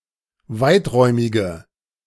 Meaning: inflection of weiträumig: 1. strong/mixed nominative/accusative feminine singular 2. strong nominative/accusative plural 3. weak nominative all-gender singular
- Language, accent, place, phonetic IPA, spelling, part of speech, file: German, Germany, Berlin, [ˈvaɪ̯tˌʁɔɪ̯mɪɡə], weiträumige, adjective, De-weiträumige.ogg